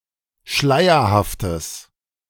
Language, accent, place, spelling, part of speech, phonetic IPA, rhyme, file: German, Germany, Berlin, schleierhaftes, adjective, [ˈʃlaɪ̯ɐhaftəs], -aɪ̯ɐhaftəs, De-schleierhaftes.ogg
- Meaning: strong/mixed nominative/accusative neuter singular of schleierhaft